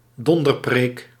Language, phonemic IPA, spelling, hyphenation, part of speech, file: Dutch, /ˈdɔn.dərˌpreːk/, donderpreek, don‧der‧preek, noun, Nl-donderpreek.ogg
- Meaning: a fire-and-brimstone sermon